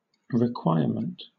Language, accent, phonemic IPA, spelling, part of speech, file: English, Southern England, /ɹɪˈkwʌɪəm(ə)nt/, requirement, noun, LL-Q1860 (eng)-requirement.wav